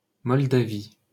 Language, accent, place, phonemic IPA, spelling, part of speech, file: French, France, Paris, /mɔl.da.vi/, Moldavie, proper noun, LL-Q150 (fra)-Moldavie.wav
- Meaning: 1. Moldova (a country in Eastern Europe) 2. Moldova, Western Moldavia (a region in eastern Romania adjacent to the country of Moldova, once part of the principality of Moldova)